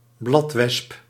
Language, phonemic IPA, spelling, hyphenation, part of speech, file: Dutch, /ˈblɑt.ʋɛsp/, bladwesp, blad‧wesp, noun, Nl-bladwesp.ogg
- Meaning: sawfly, hymenopteran of the suborder Symphyta